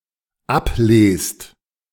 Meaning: second-person plural dependent present of ablesen
- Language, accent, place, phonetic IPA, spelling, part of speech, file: German, Germany, Berlin, [ˈapˌleːst], ablest, verb, De-ablest.ogg